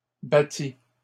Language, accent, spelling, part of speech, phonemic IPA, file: French, Canada, battit, verb, /ba.ti/, LL-Q150 (fra)-battit.wav
- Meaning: third-person singular past historic of battre